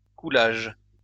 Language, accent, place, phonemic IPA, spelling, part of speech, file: French, France, Lyon, /ku.laʒ/, coulage, noun, LL-Q150 (fra)-coulage.wav
- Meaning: 1. casting (of metal etc) 2. shrinkage (loss of stock due to theft)